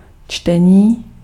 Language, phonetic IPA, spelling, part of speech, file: Czech, [ˈt͡ʃtɛɲiː], čtení, noun / adjective, Cs-čtení.ogg
- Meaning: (noun) 1. verbal noun of číst 2. reading; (adjective) animate masculine nominative plural of ctěný